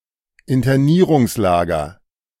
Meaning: detention center, internment camp (especially the internment camps for enemy aliens of Nazi Germany during World War II)
- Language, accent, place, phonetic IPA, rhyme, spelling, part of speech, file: German, Germany, Berlin, [ɪntɐˈniːʁʊŋsˌlaːɡɐ], -iːʁʊŋslaːɡɐ, Internierungslager, noun, De-Internierungslager.ogg